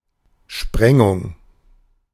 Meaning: 1. blasting (with explosive) 2. sprinkling
- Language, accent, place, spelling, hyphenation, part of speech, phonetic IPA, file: German, Germany, Berlin, Sprengung, Spren‧gung, noun, [ˈʃpʁɛŋʊŋ], De-Sprengung.ogg